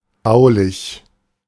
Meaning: 1. structural 2. architectural
- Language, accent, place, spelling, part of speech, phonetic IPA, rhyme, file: German, Germany, Berlin, baulich, adjective, [ˈbaʊ̯lɪç], -aʊ̯lɪç, De-baulich.ogg